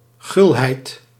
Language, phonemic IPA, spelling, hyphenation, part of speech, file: Dutch, /ˈɣʏl.ɦɛi̯t/, gulheid, gul‧heid, noun, Nl-gulheid.ogg
- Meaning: munificence, generosity